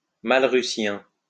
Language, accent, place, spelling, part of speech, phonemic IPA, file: French, France, Lyon, malrucien, adjective, /mal.ʁy.sjɛ̃/, LL-Q150 (fra)-malrucien.wav
- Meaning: Malrucian